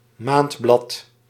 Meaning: monthly (publication that is published once a month, possibly excepting one or more holiday months)
- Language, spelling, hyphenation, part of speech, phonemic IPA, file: Dutch, maandblad, maand‧blad, noun, /ˈmaːnt.blɑt/, Nl-maandblad.ogg